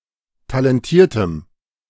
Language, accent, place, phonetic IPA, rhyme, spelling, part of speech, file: German, Germany, Berlin, [talɛnˈtiːɐ̯təm], -iːɐ̯təm, talentiertem, adjective, De-talentiertem.ogg
- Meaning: strong dative masculine/neuter singular of talentiert